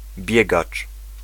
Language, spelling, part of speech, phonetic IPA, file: Polish, biegacz, noun, [ˈbʲjɛɡat͡ʃ], Pl-biegacz.ogg